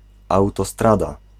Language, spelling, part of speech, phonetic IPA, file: Polish, autostrada, noun, [ˌawtɔˈstrada], Pl-autostrada.ogg